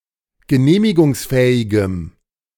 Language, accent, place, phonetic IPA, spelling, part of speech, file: German, Germany, Berlin, [ɡəˈneːmɪɡʊŋsˌfɛːɪɡəm], genehmigungsfähigem, adjective, De-genehmigungsfähigem.ogg
- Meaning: strong dative masculine/neuter singular of genehmigungsfähig